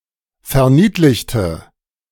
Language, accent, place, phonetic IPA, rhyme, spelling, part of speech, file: German, Germany, Berlin, [fɛɐ̯ˈniːtlɪçtə], -iːtlɪçtə, verniedlichte, adjective / verb, De-verniedlichte.ogg
- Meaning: inflection of verniedlichen: 1. first/third-person singular preterite 2. first/third-person singular subjunctive II